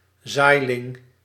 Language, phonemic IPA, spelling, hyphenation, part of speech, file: Dutch, /ˈzaːi̯.lɪŋ/, zaailing, zaai‧ling, noun, Nl-zaailing.ogg
- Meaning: older seedling